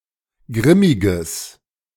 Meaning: strong/mixed nominative/accusative neuter singular of grimmig
- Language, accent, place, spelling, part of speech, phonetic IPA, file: German, Germany, Berlin, grimmiges, adjective, [ˈɡʁɪmɪɡəs], De-grimmiges.ogg